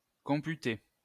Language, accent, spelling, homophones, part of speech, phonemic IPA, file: French, France, computer, computai / computé / computée / computées / computés / computez, verb, /kɔ̃.py.te/, LL-Q150 (fra)-computer.wav
- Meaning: to compute